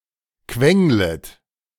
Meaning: second-person plural subjunctive I of quengeln
- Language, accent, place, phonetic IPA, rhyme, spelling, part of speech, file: German, Germany, Berlin, [ˈkvɛŋlət], -ɛŋlət, quenglet, verb, De-quenglet.ogg